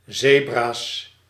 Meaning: plural of zebra
- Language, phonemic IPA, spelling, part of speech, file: Dutch, /ˈzebras/, zebra's, noun, Nl-zebra's.ogg